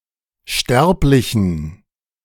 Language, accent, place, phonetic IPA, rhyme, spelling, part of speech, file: German, Germany, Berlin, [ˈʃtɛʁplɪçn̩], -ɛʁplɪçn̩, sterblichen, adjective, De-sterblichen.ogg
- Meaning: inflection of sterblich: 1. strong genitive masculine/neuter singular 2. weak/mixed genitive/dative all-gender singular 3. strong/weak/mixed accusative masculine singular 4. strong dative plural